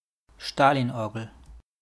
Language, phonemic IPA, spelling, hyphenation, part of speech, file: German, /ˈʃtaːliːnˌʔɔʁɡl̩/, Stalinorgel, Sta‧lin‧or‧gel, noun, De-Stalinorgel.wav
- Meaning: Katyusha (type of artillery rocket launcher); Stalin's organ